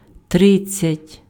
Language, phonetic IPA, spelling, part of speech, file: Ukrainian, [ˈtrɪd͡zʲt͡sʲɐtʲ], тридцять, numeral, Uk-тридцять.ogg
- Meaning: thirty (30)